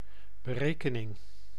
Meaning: 1. a calculation, computation 2. a calculating, cold attitude
- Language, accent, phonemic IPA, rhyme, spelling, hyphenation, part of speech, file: Dutch, Netherlands, /bəˈreː.kə.nɪŋ/, -eːkənɪŋ, berekening, be‧re‧ke‧ning, noun, Nl-berekening.ogg